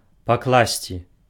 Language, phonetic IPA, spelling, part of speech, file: Belarusian, [pakˈɫasʲt͡sʲi], пакласці, verb, Be-пакласці.ogg
- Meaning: to put, to lay, to lay down